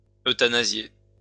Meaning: to euthanise
- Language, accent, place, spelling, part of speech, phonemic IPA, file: French, France, Lyon, euthanasier, verb, /ø.ta.na.zje/, LL-Q150 (fra)-euthanasier.wav